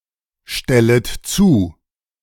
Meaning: second-person plural subjunctive I of zustellen
- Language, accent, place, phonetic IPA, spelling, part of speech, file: German, Germany, Berlin, [ˌʃtɛlət ˈt͡suː], stellet zu, verb, De-stellet zu.ogg